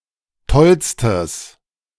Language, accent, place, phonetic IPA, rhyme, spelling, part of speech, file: German, Germany, Berlin, [ˈtɔlstəs], -ɔlstəs, tollstes, adjective, De-tollstes.ogg
- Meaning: strong/mixed nominative/accusative neuter singular superlative degree of toll